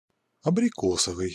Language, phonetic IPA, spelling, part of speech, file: Russian, [ɐbrʲɪˈkosəvɨj], абрикосовый, adjective, Ru-абрикосовый.ogg
- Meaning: 1. apricot 2. apricot (color/colour)